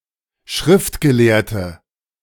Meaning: 1. female equivalent of Schriftgelehrter: female scribe 2. inflection of Schriftgelehrter: strong nominative/accusative plural 3. inflection of Schriftgelehrter: weak nominative singular
- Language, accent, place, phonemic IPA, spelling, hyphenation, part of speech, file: German, Germany, Berlin, /ˈʃʁɪftɡəˌleːɐ̯tə/, Schriftgelehrte, Schrift‧ge‧lehr‧te, noun, De-Schriftgelehrte.ogg